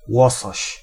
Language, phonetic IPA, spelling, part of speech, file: Polish, [ˈwɔsɔɕ], łosoś, noun, Pl-łosoś.ogg